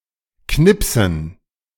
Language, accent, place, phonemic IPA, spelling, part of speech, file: German, Germany, Berlin, /ˈknɪpsən/, knipsen, verb, De-knipsen.ogg
- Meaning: 1. to nip; to pinch (particularly so as to pluck or cut off) 2. to perforate (particularly a ticket, so as to invalidate) 3. to photograph 4. to snap one's fingers